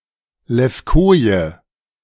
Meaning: 1. stock (Matthiola gen. et spp.) 2. wallflower (Erysimum (syn. Cheiranthus) gen. et spp.)
- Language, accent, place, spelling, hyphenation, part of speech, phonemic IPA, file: German, Germany, Berlin, Levkoje, Lev‧ko‧je, noun, /lɛfˈkoːjə/, De-Levkoje.ogg